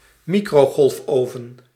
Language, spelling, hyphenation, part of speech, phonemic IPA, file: Dutch, microgolfoven, mi‧cro‧golf‧oven, noun, /ˈmi.kroː.ɣɔlfˌoː.və(n)/, Nl-microgolfoven.ogg
- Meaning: microwave oven, a fast heating device with mainly culinary use